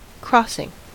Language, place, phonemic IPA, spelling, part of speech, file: English, California, /ˈkɹɔsɪŋ/, crossing, noun / adjective / verb, En-us-crossing.ogg
- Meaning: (noun) 1. Cross-breeding 2. Opposition; thwarting 3. An intersection where roads, lines, or tracks cross 4. A place at which a river, railroad, or highway may be crossed